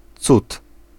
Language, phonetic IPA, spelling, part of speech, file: Polish, [t͡sut], cud, noun, Pl-cud.ogg